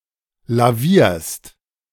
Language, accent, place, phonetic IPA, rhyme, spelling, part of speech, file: German, Germany, Berlin, [laˈviːɐ̯st], -iːɐ̯st, lavierst, verb, De-lavierst.ogg
- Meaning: second-person singular present of lavieren